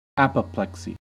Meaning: Unconsciousness or incapacity resulting from a cerebral hemorrhage or stroke
- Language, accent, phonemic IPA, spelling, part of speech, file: English, General American, /ˈæp.əˌplɛk.si/, apoplexy, noun, En-us-apoplexy.ogg